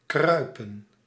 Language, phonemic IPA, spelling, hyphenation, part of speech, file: Dutch, /ˈkrœy̯pə(n)/, kruipen, krui‧pen, verb, Nl-kruipen.ogg
- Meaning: 1. to crawl 2. to creep